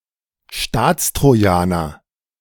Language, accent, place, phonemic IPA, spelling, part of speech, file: German, Germany, Berlin, /ˈʃtaːt͡stʁoˌjaːnɐ/, Staatstrojaner, noun, De-Staatstrojaner.ogg
- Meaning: synonym of Bundestrojaner